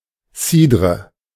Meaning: cider, sparkling apple wine
- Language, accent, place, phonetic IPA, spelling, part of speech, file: German, Germany, Berlin, [ˈsiː.dʁə], Cidre, noun, De-Cidre.ogg